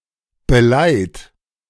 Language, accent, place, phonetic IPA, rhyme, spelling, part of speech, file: German, Germany, Berlin, [bəˈlaɪ̯t], -aɪ̯t, beleiht, verb, De-beleiht.ogg
- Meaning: inflection of beleihen: 1. third-person singular present 2. second-person plural present